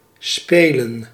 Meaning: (verb) 1. to play 2. to play (a game) 3. to play (a musical instrument) 4. to play (a role); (noun) plural of spel (“tournament”)
- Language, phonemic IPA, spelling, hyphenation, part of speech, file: Dutch, /ˈspeːlə(n)/, spelen, spe‧len, verb / noun, Nl-spelen.ogg